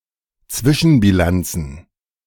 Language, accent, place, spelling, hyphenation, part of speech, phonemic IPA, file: German, Germany, Berlin, Zwischenbilanz, Zwi‧schen‧bi‧lanz, noun, /ˈt͡svɪʃn̩biˌlant͡s/, De-Zwischenbilanz.ogg
- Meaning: interim result